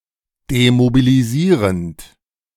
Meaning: present participle of demobilisieren
- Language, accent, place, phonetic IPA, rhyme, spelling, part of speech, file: German, Germany, Berlin, [demobiliˈziːʁənt], -iːʁənt, demobilisierend, verb, De-demobilisierend.ogg